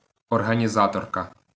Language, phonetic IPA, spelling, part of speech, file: Ukrainian, [ɔrɦɐnʲiˈzatɔrkɐ], організаторка, noun, LL-Q8798 (ukr)-організаторка.wav
- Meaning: female equivalent of організа́тор (orhanizátor): organizer